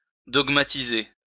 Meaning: to dogmatize
- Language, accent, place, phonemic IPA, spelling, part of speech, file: French, France, Lyon, /dɔɡ.ma.ti.ze/, dogmatiser, verb, LL-Q150 (fra)-dogmatiser.wav